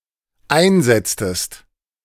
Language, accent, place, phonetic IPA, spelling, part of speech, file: German, Germany, Berlin, [ˈaɪ̯nˌzɛt͡stəst], einsetztest, verb, De-einsetztest.ogg
- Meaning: inflection of einsetzen: 1. second-person singular dependent preterite 2. second-person singular dependent subjunctive II